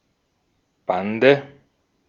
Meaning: 1. gang (group of people united for some immoral or criminal objective) 2. group, squad, band 3. elevated boundary of a playing field; boards 4. obstacle presented by a regulatory framework
- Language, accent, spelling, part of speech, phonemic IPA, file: German, Austria, Bande, noun, /ˈbandə/, De-at-Bande.ogg